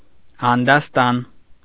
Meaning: 1. cultivated land, field 2. field, arena
- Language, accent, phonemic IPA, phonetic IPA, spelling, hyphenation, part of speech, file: Armenian, Eastern Armenian, /ɑndɑsˈtɑn/, [ɑndɑstɑ́n], անդաստան, ան‧դաս‧տան, noun, Hy-անդաստան.ogg